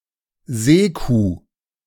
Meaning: 1. sea cow, sirenian 2. hippopotamus
- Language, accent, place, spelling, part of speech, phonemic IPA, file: German, Germany, Berlin, Seekuh, noun, /ˈzeːˌkuː/, De-Seekuh.ogg